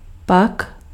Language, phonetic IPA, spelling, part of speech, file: Czech, [ˈpak], pak, adverb, Cs-pak.ogg
- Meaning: then